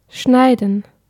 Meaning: 1. to cut; to carve; to slice 2. to pare; to clip; to mow; to prune; to trim 3. to cut (someone) off; to cut in on (someone) 4. to edit 5. to intersect 6. to cut (oneself)
- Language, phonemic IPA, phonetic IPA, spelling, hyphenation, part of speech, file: German, /ˈʃnaɪ̯dən/, [ˈʃnaɪ̯.d̚n̩], schneiden, schnei‧den, verb, De-schneiden.ogg